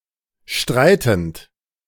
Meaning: present participle of streiten
- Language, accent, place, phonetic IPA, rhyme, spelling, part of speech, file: German, Germany, Berlin, [ˈʃtʁaɪ̯tn̩t], -aɪ̯tn̩t, streitend, verb, De-streitend.ogg